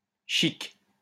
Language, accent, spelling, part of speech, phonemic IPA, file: French, France, chique, noun, /ʃik/, LL-Q150 (fra)-chique.wav
- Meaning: 1. chewing tobacco 2. clipping of chiclette (“chewing gum”) 3. chigger flea (Tunga penetrans)